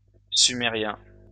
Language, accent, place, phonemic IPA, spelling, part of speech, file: French, France, Lyon, /sy.me.ʁjɛ̃/, sumérien, adjective / noun, LL-Q150 (fra)-sumérien.wav
- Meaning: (adjective) Sumerian